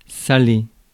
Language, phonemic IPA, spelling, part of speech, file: French, /sa.le/, saler, verb, Fr-saler.ogg
- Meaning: to salt